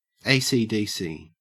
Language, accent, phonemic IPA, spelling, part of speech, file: English, Australia, /ˈeɪsiˌdisi/, AC/DC, adjective, En-au-ACDC.ogg
- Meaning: 1. Able to operate with either alternating current or direct current 2. Bisexual